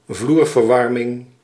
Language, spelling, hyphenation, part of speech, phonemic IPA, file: Dutch, vloerverwarming, vloer‧ver‧war‧ming, noun, /ˈvluːr.vərˌʋɑr.mɪŋ/, Nl-vloerverwarming.ogg
- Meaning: underfloor heating